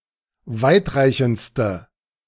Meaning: inflection of weitreichend: 1. strong/mixed nominative/accusative feminine singular superlative degree 2. strong nominative/accusative plural superlative degree
- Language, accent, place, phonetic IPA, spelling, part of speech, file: German, Germany, Berlin, [ˈvaɪ̯tˌʁaɪ̯çn̩t͡stə], weitreichendste, adjective, De-weitreichendste.ogg